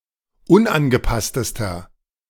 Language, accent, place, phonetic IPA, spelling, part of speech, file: German, Germany, Berlin, [ˈʊnʔanɡəˌpastəstɐ], unangepasstester, adjective, De-unangepasstester.ogg
- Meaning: inflection of unangepasst: 1. strong/mixed nominative masculine singular superlative degree 2. strong genitive/dative feminine singular superlative degree 3. strong genitive plural superlative degree